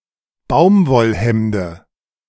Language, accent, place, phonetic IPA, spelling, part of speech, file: German, Germany, Berlin, [ˈbaʊ̯mvɔlˌhɛmdə], Baumwollhemde, noun, De-Baumwollhemde.ogg
- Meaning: dative singular of Baumwollhemd